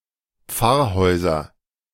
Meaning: nominative/accusative/genitive plural of Pfarrhaus
- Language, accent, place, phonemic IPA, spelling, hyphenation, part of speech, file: German, Germany, Berlin, /ˈp͡faʁˌhɔɪ̯zɐ/, Pfarrhäuser, Pfarr‧häu‧ser, noun, De-Pfarrhäuser.ogg